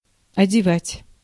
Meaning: 1. to dress, to clothe 2. to provide clothes 3. to cover
- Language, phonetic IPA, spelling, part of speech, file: Russian, [ɐdʲɪˈvatʲ], одевать, verb, Ru-одевать.ogg